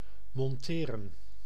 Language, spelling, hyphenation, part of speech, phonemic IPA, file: Dutch, monteren, mon‧te‧ren, verb, /ˌmɔnˈteː.rə(n)/, Nl-monteren.ogg
- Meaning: 1. to assemble 2. to mount 3. to equip a soldier